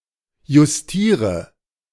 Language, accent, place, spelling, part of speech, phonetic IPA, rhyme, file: German, Germany, Berlin, justiere, verb, [jʊsˈtiːʁə], -iːʁə, De-justiere.ogg
- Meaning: inflection of justieren: 1. first-person singular present 2. first/third-person singular subjunctive I 3. singular imperative